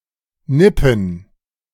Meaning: to sip; to take a nip
- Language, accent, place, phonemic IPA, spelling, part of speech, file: German, Germany, Berlin, /ˈnɪpən/, nippen, verb, De-nippen.ogg